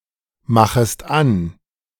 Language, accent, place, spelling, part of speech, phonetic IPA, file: German, Germany, Berlin, machest an, verb, [ˌmaxəst ˈan], De-machest an.ogg
- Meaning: second-person singular subjunctive I of anmachen